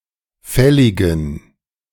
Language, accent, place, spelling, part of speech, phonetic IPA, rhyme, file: German, Germany, Berlin, fälligen, adjective, [ˈfɛlɪɡn̩], -ɛlɪɡn̩, De-fälligen.ogg
- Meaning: inflection of fällig: 1. strong genitive masculine/neuter singular 2. weak/mixed genitive/dative all-gender singular 3. strong/weak/mixed accusative masculine singular 4. strong dative plural